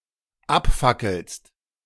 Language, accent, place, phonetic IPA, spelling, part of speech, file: German, Germany, Berlin, [ˈapˌfakl̩st], abfackelst, verb, De-abfackelst.ogg
- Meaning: second-person singular dependent present of abfackeln